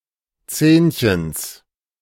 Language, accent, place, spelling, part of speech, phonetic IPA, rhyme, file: German, Germany, Berlin, Zähnchens, noun, [ˈt͡sɛːnçəns], -ɛːnçəns, De-Zähnchens.ogg
- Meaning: genitive of Zähnchen